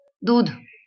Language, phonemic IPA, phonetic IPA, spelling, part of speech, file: Marathi, /d̪ud̪ʱ/, [d̪uːd̪ʱ], दूध, noun, LL-Q1571 (mar)-दूध.wav
- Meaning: 1. milk 2. the milky sap of plants 3. an emulsion of the cocoanut or other oily kernels or seeds 4. the early white substance in the ear which grows and hardens into rice 5. bubby